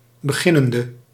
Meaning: inflection of beginnend: 1. masculine/feminine singular attributive 2. definite neuter singular attributive 3. plural attributive
- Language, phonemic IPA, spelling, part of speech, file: Dutch, /bəˈɣɪnəndə/, beginnende, adjective / verb, Nl-beginnende.ogg